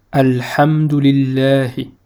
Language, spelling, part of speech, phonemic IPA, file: Arabic, الحمد لله, phrase, /al.ħam.du lil.laː.hi/, Ar-الحمد لله.ogg
- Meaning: praise be to God, thank God; alhamdulillah